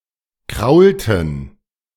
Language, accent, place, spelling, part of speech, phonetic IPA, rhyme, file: German, Germany, Berlin, kraulten, verb, [ˈkʁaʊ̯ltn̩], -aʊ̯ltn̩, De-kraulten.ogg
- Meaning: inflection of kraulen: 1. first/third-person plural preterite 2. first/third-person plural subjunctive II